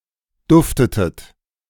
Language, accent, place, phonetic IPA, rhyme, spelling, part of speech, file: German, Germany, Berlin, [ˈdʊftətət], -ʊftətət, duftetet, verb, De-duftetet.ogg
- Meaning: inflection of duften: 1. second-person plural preterite 2. second-person plural subjunctive II